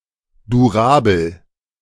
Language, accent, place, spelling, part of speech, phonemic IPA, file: German, Germany, Berlin, durabel, adjective, /duˈʁaːbl̩/, De-durabel.ogg
- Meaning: durable